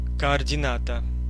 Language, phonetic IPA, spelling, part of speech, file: Russian, [kɐɐrdʲɪˈnatə], координата, noun, Ru-координата.ogg
- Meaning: coordinate